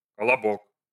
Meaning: 1. kolobok (a round loaf) 2. a plump and round person of a short height; anyone resembling a character in the well-known East Slavic fairy-tale Kolobok
- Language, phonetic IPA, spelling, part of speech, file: Russian, [kəɫɐˈbok], колобок, noun, Ru-колобок.ogg